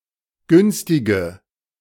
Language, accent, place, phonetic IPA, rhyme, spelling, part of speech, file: German, Germany, Berlin, [ˈɡʏnstɪɡə], -ʏnstɪɡə, günstige, adjective, De-günstige.ogg
- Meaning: inflection of günstig: 1. strong/mixed nominative/accusative feminine singular 2. strong nominative/accusative plural 3. weak nominative all-gender singular 4. weak accusative feminine/neuter singular